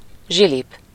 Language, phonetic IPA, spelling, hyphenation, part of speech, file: Hungarian, [ˈʒilip], zsilip, zsi‧lip, noun, Hu-zsilip.ogg
- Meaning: sluice, floodgate, lock